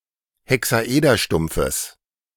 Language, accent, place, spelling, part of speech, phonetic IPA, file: German, Germany, Berlin, Hexaederstumpfes, noun, [hɛksaˈʔeːdɐˌʃtʊmp͡fəs], De-Hexaederstumpfes.ogg
- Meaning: genitive singular of Hexaederstumpf